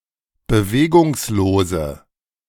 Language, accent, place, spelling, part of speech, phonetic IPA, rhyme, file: German, Germany, Berlin, bewegungslose, adjective, [bəˈveːɡʊŋsloːzə], -eːɡʊŋsloːzə, De-bewegungslose.ogg
- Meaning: inflection of bewegungslos: 1. strong/mixed nominative/accusative feminine singular 2. strong nominative/accusative plural 3. weak nominative all-gender singular